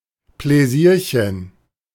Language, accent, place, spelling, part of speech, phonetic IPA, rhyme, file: German, Germany, Berlin, Pläsierchen, noun, [plɛˈziːɐ̯çən], -iːɐ̯çən, De-Pläsierchen.ogg
- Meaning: diminutive of Pläsier